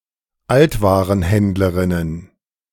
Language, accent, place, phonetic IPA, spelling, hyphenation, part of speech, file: German, Germany, Berlin, [ˈaltvaːʁənˌhɛndləʁɪnən], Altwarenhändlerinnen, Alt‧wa‧ren‧händ‧le‧rin‧nen, noun, De-Altwarenhändlerinnen.ogg
- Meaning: plural of Altwarenhändlerin